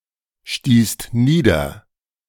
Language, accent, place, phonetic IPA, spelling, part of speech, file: German, Germany, Berlin, [ˌʃtiːst ˈniːdɐ], stießt nieder, verb, De-stießt nieder.ogg
- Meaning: second-person singular/plural preterite of niederstoßen